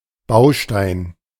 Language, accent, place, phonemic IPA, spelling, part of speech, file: German, Germany, Berlin, /ˈbaʊ̯ʃtaɪ̯n/, Baustein, noun, De-Baustein.ogg
- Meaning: 1. brick 2. building block, module, component 3. device